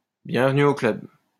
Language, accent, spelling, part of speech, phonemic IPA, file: French, France, bienvenue au club, phrase, /bjɛ̃v.ny o klœb/, LL-Q150 (fra)-bienvenue au club.wav
- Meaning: welcome to the club, join the club (an expression of sympathy)